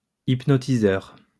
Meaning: hypnotist
- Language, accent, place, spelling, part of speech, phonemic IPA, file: French, France, Lyon, hypnotiseur, noun, /ip.nɔ.ti.zœʁ/, LL-Q150 (fra)-hypnotiseur.wav